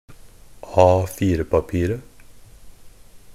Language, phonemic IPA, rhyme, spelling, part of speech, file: Norwegian Bokmål, /ˈɑːfiːrəpapiːrə/, -iːrə, A4-papiret, noun, NB - Pronunciation of Norwegian Bokmål «A4-papiret».ogg
- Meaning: definite singular of A4-papir